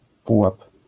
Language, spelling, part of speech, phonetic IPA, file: Polish, pułap, noun, [ˈpuwap], LL-Q809 (pol)-pułap.wav